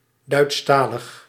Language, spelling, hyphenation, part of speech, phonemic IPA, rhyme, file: Dutch, Duitstalig, Duits‧ta‧lig, adjective, /ˌdœy̯tsˈtaː.ləx/, -aːləx, Nl-Duitstalig.ogg
- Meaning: 1. German-speaking, germanophone 2. produced (e.g. written, recorded) in the German language